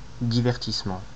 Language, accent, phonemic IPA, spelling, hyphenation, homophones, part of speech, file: French, France, /di.vɛʁ.tis.mɑ̃/, divertissement, di‧ver‧tisse‧ment, divertissements, noun, Fr-fr-divertissement.ogg
- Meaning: entertainment